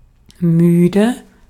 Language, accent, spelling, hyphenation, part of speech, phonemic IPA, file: German, Austria, müde, mü‧de, adjective, /ˈmyːdə/, De-at-müde.ogg
- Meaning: 1. tired 2. tired of it, tired of (infinitive phrase) 3. [with genitive] tired or sick of (something, someone)